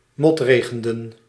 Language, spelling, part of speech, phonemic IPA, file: Dutch, motregenden, verb, /ˈmɔtreɣəndə(n)/, Nl-motregenden.ogg
- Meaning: inflection of motregenen: 1. plural past indicative 2. plural past subjunctive